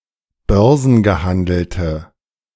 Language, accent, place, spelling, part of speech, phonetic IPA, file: German, Germany, Berlin, börsengehandelte, adjective, [ˈbœʁzn̩ɡəˌhandl̩tə], De-börsengehandelte.ogg
- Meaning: inflection of börsengehandelt: 1. strong/mixed nominative/accusative feminine singular 2. strong nominative/accusative plural 3. weak nominative all-gender singular